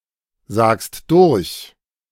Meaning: second-person singular present of durchsagen
- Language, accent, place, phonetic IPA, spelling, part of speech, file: German, Germany, Berlin, [ˌzaːkst ˈdʊʁç], sagst durch, verb, De-sagst durch.ogg